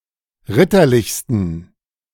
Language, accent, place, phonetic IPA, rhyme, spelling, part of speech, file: German, Germany, Berlin, [ˈʁɪtɐˌlɪçstn̩], -ɪtɐlɪçstn̩, ritterlichsten, adjective, De-ritterlichsten.ogg
- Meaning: 1. superlative degree of ritterlich 2. inflection of ritterlich: strong genitive masculine/neuter singular superlative degree